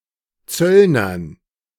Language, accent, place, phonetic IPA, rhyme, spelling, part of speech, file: German, Germany, Berlin, [ˈt͡sœlnɐn], -œlnɐn, Zöllnern, noun, De-Zöllnern.ogg
- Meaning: dative plural of Zöllner